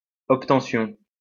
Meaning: the act of obtaining
- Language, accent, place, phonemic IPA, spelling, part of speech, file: French, France, Lyon, /ɔp.tɑ̃.sjɔ̃/, obtention, noun, LL-Q150 (fra)-obtention.wav